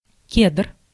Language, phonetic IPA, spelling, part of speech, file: Russian, [kʲedr], кедр, noun, Ru-кедр.ogg
- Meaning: 1. cedar 2. Pinus sibirica